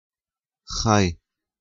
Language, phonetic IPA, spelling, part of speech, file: Romanian, [haj], hai, interjection, Ro-hai.ogg
- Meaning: let's